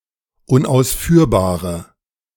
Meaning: inflection of unausführbar: 1. strong/mixed nominative/accusative feminine singular 2. strong nominative/accusative plural 3. weak nominative all-gender singular
- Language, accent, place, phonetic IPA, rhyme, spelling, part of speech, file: German, Germany, Berlin, [ʊnʔaʊ̯sˈfyːɐ̯baːʁə], -yːɐ̯baːʁə, unausführbare, adjective, De-unausführbare.ogg